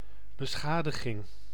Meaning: 1. damage 2. flaw
- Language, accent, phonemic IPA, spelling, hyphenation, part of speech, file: Dutch, Netherlands, /bəˈsxaː.dəˌɣɪŋ/, beschadiging, be‧scha‧di‧ging, noun, Nl-beschadiging.ogg